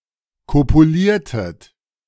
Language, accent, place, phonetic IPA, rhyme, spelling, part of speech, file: German, Germany, Berlin, [ˌkopuˈliːɐ̯tət], -iːɐ̯tət, kopuliertet, verb, De-kopuliertet.ogg
- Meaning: inflection of kopulieren: 1. second-person plural preterite 2. second-person plural subjunctive II